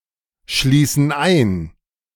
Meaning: inflection of einschließen: 1. first/third-person plural present 2. first/third-person plural subjunctive I
- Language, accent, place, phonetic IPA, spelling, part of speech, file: German, Germany, Berlin, [ˌʃliːsn̩ ˈaɪ̯n], schließen ein, verb, De-schließen ein.ogg